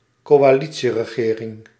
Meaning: coalition government; a government formed by a coalition (formal cooperation) of two or more political parties
- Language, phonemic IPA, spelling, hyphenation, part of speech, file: Dutch, /koː.aːˈli.(t)si.rəˌɣeː.rɪŋ/, coalitieregering, co‧a‧li‧tie‧re‧ge‧ring, noun, Nl-coalitieregering.ogg